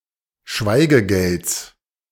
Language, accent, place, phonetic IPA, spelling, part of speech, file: German, Germany, Berlin, [ˈʃvaɪ̯ɡəˌɡɛlt͡s], Schweigegelds, noun, De-Schweigegelds.ogg
- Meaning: genitive singular of Schweigegeld